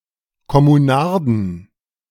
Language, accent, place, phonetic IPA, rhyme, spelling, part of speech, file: German, Germany, Berlin, [kɔmuˈnaʁdn̩], -aʁdn̩, Kommunarden, noun, De-Kommunarden.ogg
- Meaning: inflection of Kommunarde: 1. genitive/dative/accusative singular 2. nominative/genitive/dative/accusative plural